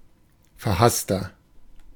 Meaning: 1. comparative degree of verhasst 2. inflection of verhasst: strong/mixed nominative masculine singular 3. inflection of verhasst: strong genitive/dative feminine singular
- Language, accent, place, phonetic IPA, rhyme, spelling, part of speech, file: German, Germany, Berlin, [fɛɐ̯ˈhastɐ], -astɐ, verhasster, adjective, De-verhasster.ogg